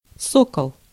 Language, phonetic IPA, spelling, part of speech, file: Russian, [ˈsokəɫ], сокол, noun, Ru-сокол.ogg
- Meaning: 1. falcon 2. Sokol (series of Soviet and Russian soft-body pressure suits)